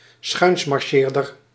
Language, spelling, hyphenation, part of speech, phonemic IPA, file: Dutch, schuinsmarcheerder, schuins‧mar‧cheer‧der, noun, /ˈsxœy̯ns.mɑrˌʃeːr.dər/, Nl-schuinsmarcheerder.ogg
- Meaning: lecher (generally male), one with a sexually libertine lifestyle